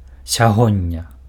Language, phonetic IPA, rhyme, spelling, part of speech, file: Belarusian, [sʲaˈɣonʲːa], -onʲːa, сягоння, adverb, Be-сягоння.ogg
- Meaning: alternative form of сёння (sjónnja): today